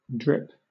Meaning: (verb) 1. To fall one drop at a time 2. To leak slowly 3. To let fall in drops 4. To have a superabundance of (something) 5. To rain lightly; to drizzle 6. To be wet, to be soaked
- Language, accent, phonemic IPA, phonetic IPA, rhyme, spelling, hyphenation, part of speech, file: English, Southern England, /ˈdɹɪp/, [ˈd̠ɹ̠̈˔ɪp], -ɪp, drip, drip, verb / noun, LL-Q1860 (eng)-drip.wav